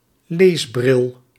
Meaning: a pair of reading glasses
- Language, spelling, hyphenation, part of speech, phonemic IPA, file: Dutch, leesbril, lees‧bril, noun, /ˈleːs.brɪl/, Nl-leesbril.ogg